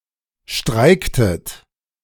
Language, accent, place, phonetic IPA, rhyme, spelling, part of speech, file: German, Germany, Berlin, [ˈʃtʁaɪ̯ktət], -aɪ̯ktət, streiktet, verb, De-streiktet.ogg
- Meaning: inflection of streiken: 1. second-person plural preterite 2. second-person plural subjunctive II